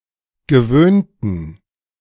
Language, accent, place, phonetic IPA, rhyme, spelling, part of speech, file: German, Germany, Berlin, [ɡəˈvøːntn̩], -øːntn̩, gewöhnten, adjective / verb, De-gewöhnten.ogg
- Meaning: inflection of gewöhnen: 1. first/third-person plural preterite 2. first/third-person plural subjunctive II